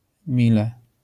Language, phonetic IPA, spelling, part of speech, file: Polish, [ˈmʲilɛ], mile, adverb, LL-Q809 (pol)-mile.wav